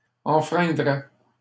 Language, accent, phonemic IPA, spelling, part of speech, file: French, Canada, /ɑ̃.fʁɛ̃.dʁɛ/, enfreindrais, verb, LL-Q150 (fra)-enfreindrais.wav
- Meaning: first/second-person singular conditional of enfreindre